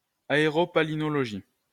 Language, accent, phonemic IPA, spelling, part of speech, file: French, France, /a.e.ʁo.pa.li.nɔ.lɔ.ʒi/, aéropalynologie, noun, LL-Q150 (fra)-aéropalynologie.wav
- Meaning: aeropalynology